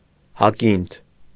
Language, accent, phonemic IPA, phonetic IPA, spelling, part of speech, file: Armenian, Eastern Armenian, /hɑˈkintʰ/, [hɑkíntʰ], հակինթ, noun, Hy-հակինթ.ogg
- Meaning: 1. ruby, sapphire 2. hyacinth (flower)